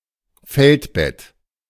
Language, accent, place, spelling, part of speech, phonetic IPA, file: German, Germany, Berlin, Feldbett, noun, [ˈfɛltˌbɛt], De-Feldbett.ogg
- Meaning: camp bed